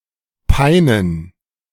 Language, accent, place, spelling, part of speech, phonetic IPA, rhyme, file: German, Germany, Berlin, Peinen, noun, [ˈpaɪ̯nən], -aɪ̯nən, De-Peinen.ogg
- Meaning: plural of Pein